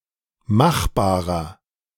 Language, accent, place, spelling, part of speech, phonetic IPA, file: German, Germany, Berlin, machbarer, adjective, [ˈmaxˌbaːʁɐ], De-machbarer.ogg
- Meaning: inflection of machbar: 1. strong/mixed nominative masculine singular 2. strong genitive/dative feminine singular 3. strong genitive plural